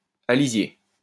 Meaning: alternative form of alisier
- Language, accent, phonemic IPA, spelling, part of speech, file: French, France, /a.li.zje/, alizier, noun, LL-Q150 (fra)-alizier.wav